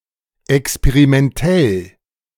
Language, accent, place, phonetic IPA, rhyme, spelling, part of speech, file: German, Germany, Berlin, [ɛkspeʁimɛnˈtɛl], -ɛl, experimentell, adjective, De-experimentell.ogg
- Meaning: experimental